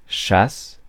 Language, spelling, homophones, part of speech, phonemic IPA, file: French, chasse, chassent / châsse, noun / verb, /ʃas/, Fr-chasse.ogg
- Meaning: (noun) hunt, hunting; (verb) inflection of chasser: 1. first/third-person singular present indicative/subjunctive 2. second-person singular imperative